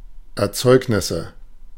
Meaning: nominative/accusative/genitive plural of Erzeugnis
- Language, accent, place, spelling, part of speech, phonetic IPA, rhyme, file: German, Germany, Berlin, Erzeugnisse, noun, [ɛɐ̯ˈt͡sɔɪ̯knɪsə], -ɔɪ̯knɪsə, De-Erzeugnisse.ogg